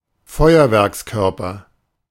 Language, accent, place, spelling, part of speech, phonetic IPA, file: German, Germany, Berlin, Feuerwerkskörper, noun, [ˈfɔɪ̯ɐvɛʁksˌkœʁpɐ], De-Feuerwerkskörper.ogg
- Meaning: firework (single item), firecracker